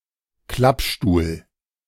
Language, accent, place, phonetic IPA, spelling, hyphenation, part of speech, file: German, Germany, Berlin, [ˈklapˌʃtuːl], Klappstuhl, Klapp‧stuhl, noun, De-Klappstuhl.ogg
- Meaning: folding chair